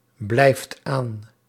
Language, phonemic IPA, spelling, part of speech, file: Dutch, /ˈblɛift ˈan/, blijft aan, verb, Nl-blijft aan.ogg
- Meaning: inflection of aanblijven: 1. second/third-person singular present indicative 2. plural imperative